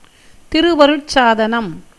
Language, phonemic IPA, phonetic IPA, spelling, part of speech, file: Tamil, /t̪ɪɾʊʋɐɾʊʈtʃɑːd̪ɐnɐm/, [t̪ɪɾʊʋɐɾʊʈsäːd̪ɐnɐm], திருவருட்சாதனம், noun, Ta-திருவருட்சாதனம்.ogg
- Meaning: sacrament